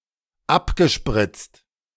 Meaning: past participle of abspritzen
- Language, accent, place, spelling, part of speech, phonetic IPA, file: German, Germany, Berlin, abgespritzt, verb, [ˈapɡəˌʃpʁɪt͡st], De-abgespritzt.ogg